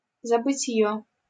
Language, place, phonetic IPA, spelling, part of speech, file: Russian, Saint Petersburg, [zəbɨˈtʲjɵ], забытьё, noun, LL-Q7737 (rus)-забытьё.wav
- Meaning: 1. unconsciousness, swoon 2. semiconsciousness, half-conscious state 3. dissociation (a state of detachment from reality)